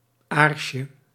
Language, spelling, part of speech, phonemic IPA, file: Dutch, aarsje, noun, /ˈarʃə/, Nl-aarsje.ogg
- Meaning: diminutive of aars